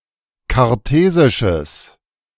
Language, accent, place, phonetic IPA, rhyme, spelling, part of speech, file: German, Germany, Berlin, [kaʁˈteːzɪʃəs], -eːzɪʃəs, kartesisches, adjective, De-kartesisches.ogg
- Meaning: strong/mixed nominative/accusative neuter singular of kartesisch